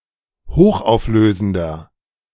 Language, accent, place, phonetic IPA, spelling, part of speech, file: German, Germany, Berlin, [ˈhoːxʔaʊ̯fˌløːzn̩dɐ], hochauflösender, adjective, De-hochauflösender.ogg
- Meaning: inflection of hochauflösend: 1. strong/mixed nominative masculine singular 2. strong genitive/dative feminine singular 3. strong genitive plural